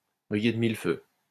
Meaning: to dazzle, to glitter, to sparkle, to shine brightly
- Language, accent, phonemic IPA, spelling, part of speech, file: French, France, /bʁi.je d(ə) mil fø/, briller de mille feux, verb, LL-Q150 (fra)-briller de mille feux.wav